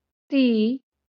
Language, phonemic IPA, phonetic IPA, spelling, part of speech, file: Marathi, /t̪i/, [t̪iː], ती, pronoun, LL-Q1571 (mar)-ती.wav
- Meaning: 1. she 2. feminine that